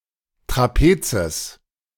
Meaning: genitive singular of Trapez
- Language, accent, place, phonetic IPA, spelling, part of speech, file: German, Germany, Berlin, [tʁaˈpeːt͡səs], Trapezes, noun, De-Trapezes.ogg